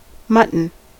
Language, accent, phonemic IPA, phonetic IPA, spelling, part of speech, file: English, US, /ˈmʌt(ə)n/, [ˈmʌʔn̩], mutton, noun / adjective, En-us-mutton.ogg
- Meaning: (noun) 1. The meat of sheep used as food; especially, that of adults 2. The meat of a goat, urial, or other caprine 3. A sheep 4. Em, a unit of measurement equal to the height of the type in use